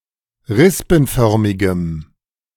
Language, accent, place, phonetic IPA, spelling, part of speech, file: German, Germany, Berlin, [ˈʁɪspn̩ˌfœʁmɪɡəm], rispenförmigem, adjective, De-rispenförmigem.ogg
- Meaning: strong dative masculine/neuter singular of rispenförmig